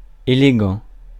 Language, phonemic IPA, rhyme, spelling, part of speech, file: French, /e.le.ɡɑ̃/, -ɑ̃, élégant, adjective, Fr-élégant.ogg
- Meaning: elegant (exhibiting elegance)